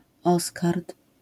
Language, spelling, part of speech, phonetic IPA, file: Polish, oskard, noun, [ˈɔskart], LL-Q809 (pol)-oskard.wav